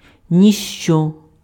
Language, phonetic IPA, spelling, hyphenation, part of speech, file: Ukrainian, [nʲiʃˈt͡ʃɔ], ніщо, ні‧що, pronoun, Uk-ніщо.ogg
- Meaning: nothing